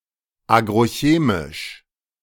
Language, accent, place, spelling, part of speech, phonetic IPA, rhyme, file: German, Germany, Berlin, agrochemisch, adjective, [ˌaːɡʁoˈçeːmɪʃ], -eːmɪʃ, De-agrochemisch.ogg
- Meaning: agrochemical